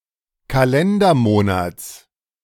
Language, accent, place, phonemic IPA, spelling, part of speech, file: German, Germany, Berlin, /kaˈlɛndɐˌmoːnats/, Kalendermonats, noun, De-Kalendermonats.ogg
- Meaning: genitive singular of Kalendermonat